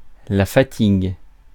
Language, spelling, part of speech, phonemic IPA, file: French, fatigue, noun, /fa.tiɡ/, Fr-fatigue.ogg
- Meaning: 1. tiredness 2. fatigue, weariness